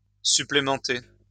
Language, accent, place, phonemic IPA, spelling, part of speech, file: French, France, Lyon, /sy.ple.mɑ̃.te/, supplémenter, verb, LL-Q150 (fra)-supplémenter.wav
- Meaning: to supplement